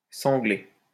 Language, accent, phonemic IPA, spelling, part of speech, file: French, France, /sɑ̃.ɡle/, sangler, verb, LL-Q150 (fra)-sangler.wav
- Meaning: 1. to strap up 2. to strap (hit with a strap) 3. to tell off, chide 4. to do up one's belt, corset, trousers